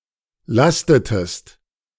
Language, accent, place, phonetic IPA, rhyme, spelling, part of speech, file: German, Germany, Berlin, [ˈlastətəst], -astətəst, lastetest, verb, De-lastetest.ogg
- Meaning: inflection of lasten: 1. second-person singular preterite 2. second-person singular subjunctive II